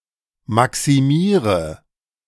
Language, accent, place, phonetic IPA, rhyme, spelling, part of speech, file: German, Germany, Berlin, [ˌmaksiˈmiːʁə], -iːʁə, maximiere, verb, De-maximiere.ogg
- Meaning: inflection of maximieren: 1. first-person singular present 2. first/third-person singular subjunctive I 3. singular imperative